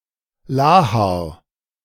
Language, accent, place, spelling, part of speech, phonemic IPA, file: German, Germany, Berlin, Lahar, noun, /ˈlaːhaʁ/, De-Lahar.ogg
- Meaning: lahar (volcanic mudflow)